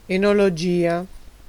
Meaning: oenology, enology, (art, science of) winemaking
- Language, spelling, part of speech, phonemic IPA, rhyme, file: Italian, enologia, noun, /e.no.loˈd͡ʒi.a/, -ia, It-enologia.ogg